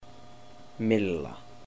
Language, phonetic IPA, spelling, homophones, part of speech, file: Icelandic, [ˈmɪl(ː)a], mylla, milla, noun, Is-mylla.oga
- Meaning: 1. mill (building housing grinding apparatus; the grinding apparatus itself) 2. nine men's morris 3. tic-tac-toe